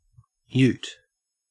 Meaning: A small vehicle based on the same platform as a family car but with a unibody construction and a built-in open tray area for carrying goods; similar but not identical to a pick-up truck
- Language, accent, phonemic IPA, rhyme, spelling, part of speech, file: English, Australia, /juːt/, -uːt, ute, noun, En-au-ute.ogg